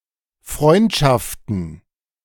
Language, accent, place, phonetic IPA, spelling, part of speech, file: German, Germany, Berlin, [ˈfʁɔɪ̯ntʃaftən], Freundschaften, noun, De-Freundschaften.ogg
- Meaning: plural of Freundschaft